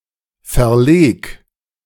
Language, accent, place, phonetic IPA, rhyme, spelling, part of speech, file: German, Germany, Berlin, [fɛɐ̯ˈleːk], -eːk, verleg, verb, De-verleg.ogg
- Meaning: 1. singular imperative of verlegen 2. first-person singular present of verlegen